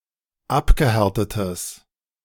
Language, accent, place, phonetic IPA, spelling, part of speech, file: German, Germany, Berlin, [ˈapɡəˌhɛʁtətəs], abgehärtetes, adjective, De-abgehärtetes.ogg
- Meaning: strong/mixed nominative/accusative neuter singular of abgehärtet